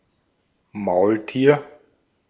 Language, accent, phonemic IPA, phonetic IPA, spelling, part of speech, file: German, Austria, /ˈmaʊ̯ltiːr/, [ˈmaʊ̯lˌti(ː)ɐ̯], Maultier, noun, De-at-Maultier.ogg
- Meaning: 1. mule (offspring of a male donkey and female horse) 2. mule (hybrid offspring of a donkey and a horse regardless of their genders)